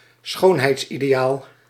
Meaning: a beauty ideal
- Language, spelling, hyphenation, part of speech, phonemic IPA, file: Dutch, schoonheidsideaal, schoon‧heids‧ide‧aal, noun, /ˈsxoːn.ɦɛi̯ts.i.deːˌaːl/, Nl-schoonheidsideaal.ogg